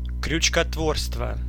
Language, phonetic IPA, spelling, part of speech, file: Russian, [krʲʉt͡ɕkɐtˈvorstvə], крючкотворство, noun, Ru-крючкотворство.ogg
- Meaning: 1. crochet work 2. chicanery, overelaboration, machination, shenanigans